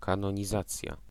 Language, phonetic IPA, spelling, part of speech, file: Polish, [ˌkãnɔ̃ɲiˈzat͡sʲja], kanonizacja, noun, Pl-kanonizacja.ogg